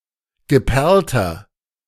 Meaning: inflection of geperlt: 1. strong/mixed nominative masculine singular 2. strong genitive/dative feminine singular 3. strong genitive plural
- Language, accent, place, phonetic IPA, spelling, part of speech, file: German, Germany, Berlin, [ɡəˈpɛʁltɐ], geperlter, adjective, De-geperlter.ogg